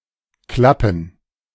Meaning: plural of Klappe
- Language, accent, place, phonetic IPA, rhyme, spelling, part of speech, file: German, Germany, Berlin, [ˈklapn̩], -apn̩, Klappen, noun, De-Klappen.ogg